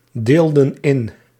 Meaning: inflection of indelen: 1. plural past indicative 2. plural past subjunctive
- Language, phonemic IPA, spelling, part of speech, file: Dutch, /ˈdeldə(n) ˈɪn/, deelden in, verb, Nl-deelden in.ogg